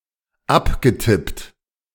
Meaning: past participle of abtippen
- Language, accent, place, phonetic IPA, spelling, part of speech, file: German, Germany, Berlin, [ˈapɡəˌtɪpt], abgetippt, verb, De-abgetippt.ogg